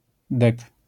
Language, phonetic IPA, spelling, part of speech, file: Polish, [dɛk], dek, noun, LL-Q809 (pol)-dek.wav